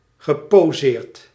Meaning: past participle of poseren
- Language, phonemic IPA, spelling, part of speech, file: Dutch, /ɣəpoˈzert/, geposeerd, verb / adjective, Nl-geposeerd.ogg